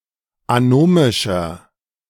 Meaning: 1. comparative degree of anomisch 2. inflection of anomisch: strong/mixed nominative masculine singular 3. inflection of anomisch: strong genitive/dative feminine singular
- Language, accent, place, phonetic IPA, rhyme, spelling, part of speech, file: German, Germany, Berlin, [aˈnoːmɪʃɐ], -oːmɪʃɐ, anomischer, adjective, De-anomischer.ogg